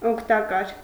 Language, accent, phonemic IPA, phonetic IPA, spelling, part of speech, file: Armenian, Eastern Armenian, /okʰtɑˈkɑɾ/, [okʰtɑkɑ́ɾ], օգտակար, adjective, Hy-օգտակար.ogg
- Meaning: useful, helpful, beneficial